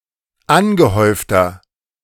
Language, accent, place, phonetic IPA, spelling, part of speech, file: German, Germany, Berlin, [ˈanɡəˌhɔɪ̯ftɐ], angehäufter, adjective, De-angehäufter.ogg
- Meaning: inflection of angehäuft: 1. strong/mixed nominative masculine singular 2. strong genitive/dative feminine singular 3. strong genitive plural